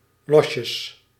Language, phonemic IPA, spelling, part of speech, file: Dutch, /ˈlɔʃəs/, losjes, adverb / noun, Nl-losjes.ogg
- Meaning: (adverb) loosely: diminutive of los (“loose”); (noun) plural of losje